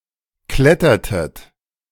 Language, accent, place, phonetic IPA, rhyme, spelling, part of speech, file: German, Germany, Berlin, [ˈklɛtɐtət], -ɛtɐtət, klettertet, verb, De-klettertet.ogg
- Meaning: inflection of klettern: 1. second-person plural preterite 2. second-person plural subjunctive II